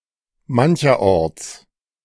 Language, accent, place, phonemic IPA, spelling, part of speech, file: German, Germany, Berlin, /ˈmançɐˈʔɔʁt͡s/, mancherorts, adverb, De-mancherorts.ogg
- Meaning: in some places